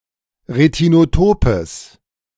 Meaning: strong/mixed nominative/accusative neuter singular of retinotop
- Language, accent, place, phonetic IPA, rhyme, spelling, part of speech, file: German, Germany, Berlin, [ʁetinoˈtoːpəs], -oːpəs, retinotopes, adjective, De-retinotopes.ogg